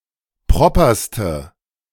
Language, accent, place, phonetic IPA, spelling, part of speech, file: German, Germany, Berlin, [ˈpʁɔpɐstə], properste, adjective, De-properste.ogg
- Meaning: inflection of proper: 1. strong/mixed nominative/accusative feminine singular superlative degree 2. strong nominative/accusative plural superlative degree